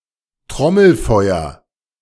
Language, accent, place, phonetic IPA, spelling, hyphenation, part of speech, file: German, Germany, Berlin, [ˈtʁɔml̩ˌfɔɪ̯ɐ], Trommelfeuer, Trom‧mel‧feu‧er, noun, De-Trommelfeuer.ogg
- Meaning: drumfire, barrage